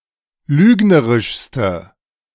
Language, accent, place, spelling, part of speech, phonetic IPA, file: German, Germany, Berlin, lügnerischste, adjective, [ˈlyːɡnəʁɪʃstə], De-lügnerischste.ogg
- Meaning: inflection of lügnerisch: 1. strong/mixed nominative/accusative feminine singular superlative degree 2. strong nominative/accusative plural superlative degree